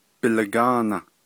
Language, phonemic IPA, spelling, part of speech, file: Navajo, /pɪ̀lɑ̀kɑ̂ːnɑ̀/, bilagáana, noun, Nv-bilagáana.ogg
- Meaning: white man, Anglo, Caucasian, American (an early Navajo term for Americans)